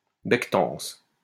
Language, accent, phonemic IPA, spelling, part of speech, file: French, France, /bɛk.tɑ̃s/, bectance, noun, LL-Q150 (fra)-bectance.wav
- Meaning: grub, nosh